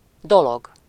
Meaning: 1. thing, object 2. affair, business, matter 3. task, work, job, duty, responsibility 4. fate, (good or bad) time
- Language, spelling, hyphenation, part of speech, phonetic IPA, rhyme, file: Hungarian, dolog, do‧log, noun, [ˈdoloɡ], -oɡ, Hu-dolog.ogg